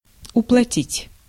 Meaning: to pay
- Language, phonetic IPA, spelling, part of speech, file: Russian, [ʊpɫɐˈtʲitʲ], уплатить, verb, Ru-уплатить.ogg